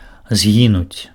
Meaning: 1. to perish, to die 2. to vanish, to disappear
- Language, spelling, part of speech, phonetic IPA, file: Belarusian, згінуць, verb, [ˈzɡʲinut͡sʲ], Be-згінуць.ogg